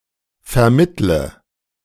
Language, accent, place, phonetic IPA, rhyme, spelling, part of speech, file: German, Germany, Berlin, [fɛɐ̯ˈmɪtlə], -ɪtlə, vermittle, verb, De-vermittle.ogg
- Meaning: inflection of vermitteln: 1. first-person singular present 2. first/third-person singular subjunctive I 3. singular imperative